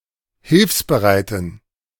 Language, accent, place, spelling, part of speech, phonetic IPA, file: German, Germany, Berlin, hilfsbereiten, adjective, [ˈhɪlfsbəˌʁaɪ̯tn̩], De-hilfsbereiten.ogg
- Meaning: inflection of hilfsbereit: 1. strong genitive masculine/neuter singular 2. weak/mixed genitive/dative all-gender singular 3. strong/weak/mixed accusative masculine singular 4. strong dative plural